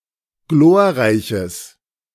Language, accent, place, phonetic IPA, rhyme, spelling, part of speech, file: German, Germany, Berlin, [ˈɡloːɐ̯ˌʁaɪ̯çəs], -oːɐ̯ʁaɪ̯çəs, glorreiches, adjective, De-glorreiches.ogg
- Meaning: strong/mixed nominative/accusative neuter singular of glorreich